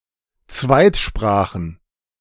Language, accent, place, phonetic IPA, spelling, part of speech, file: German, Germany, Berlin, [ˈt͡svaɪ̯tˌʃpʁaːxn̩], Zweitsprachen, noun, De-Zweitsprachen.ogg
- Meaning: plural of Zweitsprache